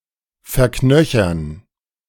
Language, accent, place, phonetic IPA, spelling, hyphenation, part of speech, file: German, Germany, Berlin, [fɛɐ̯ˈknœçɐn], verknöchern, ver‧knö‧chern, verb, De-verknöchern.ogg
- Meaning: 1. to ossify 2. to become stiff